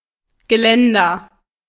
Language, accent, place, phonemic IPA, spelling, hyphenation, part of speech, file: German, Germany, Berlin, /ɡəˈlɛndɐ/, Geländer, Ge‧län‧der, noun, De-Geländer.ogg
- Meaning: any long construction for people to hold on to or prevent them from falling down: railing, guardrail, handrail, banister, balustrade, parapet